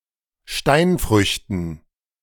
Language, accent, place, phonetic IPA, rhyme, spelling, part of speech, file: German, Germany, Berlin, [ˈʃtaɪ̯nˌfʁʏçtn̩], -aɪ̯nfʁʏçtn̩, Steinfrüchten, noun, De-Steinfrüchten.ogg
- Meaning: dative plural of Steinfrucht